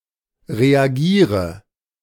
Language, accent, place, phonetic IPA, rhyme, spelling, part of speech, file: German, Germany, Berlin, [ʁeaˈɡiːʁə], -iːʁə, reagiere, verb, De-reagiere.ogg
- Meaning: inflection of reagieren: 1. first-person singular present 2. first/third-person singular subjunctive I 3. singular imperative